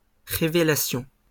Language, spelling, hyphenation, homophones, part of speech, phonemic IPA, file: French, révélations, ré‧vé‧la‧tions, révélation, noun, /ʁe.ve.la.sjɔ̃/, LL-Q150 (fra)-révélations.wav
- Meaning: plural of révélation